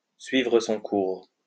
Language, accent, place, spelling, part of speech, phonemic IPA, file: French, France, Lyon, suivre son cours, verb, /sɥi.vʁə sɔ̃ kuʁ/, LL-Q150 (fra)-suivre son cours.wav
- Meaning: to follow its course, to take its course, to continue, to progress, to come along